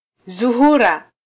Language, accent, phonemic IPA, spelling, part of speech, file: Swahili, Kenya, /zuˈhu.ɾɑ/, Zuhura, proper noun, Sw-ke-Zuhura.flac
- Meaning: Venus (the second planet in the Solar system)